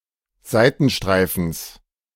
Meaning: genitive singular of Seitenstreifen
- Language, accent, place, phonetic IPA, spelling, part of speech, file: German, Germany, Berlin, [ˈzaɪ̯tn̩ˌʃtʁaɪ̯fn̩s], Seitenstreifens, noun, De-Seitenstreifens.ogg